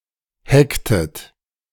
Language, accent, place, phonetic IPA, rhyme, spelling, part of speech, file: German, Germany, Berlin, [ˈhɛktət], -ɛktət, hecktet, verb, De-hecktet.ogg
- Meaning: inflection of hecken: 1. second-person plural preterite 2. second-person plural subjunctive II